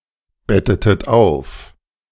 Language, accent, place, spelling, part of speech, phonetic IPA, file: German, Germany, Berlin, bettetest ein, verb, [ˌbɛtətəst ˈaɪ̯n], De-bettetest ein.ogg
- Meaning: inflection of einbetten: 1. second-person singular preterite 2. second-person singular subjunctive II